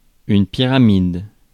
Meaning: pyramid
- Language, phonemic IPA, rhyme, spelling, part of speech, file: French, /pi.ʁa.mid/, -id, pyramide, noun, Fr-pyramide.ogg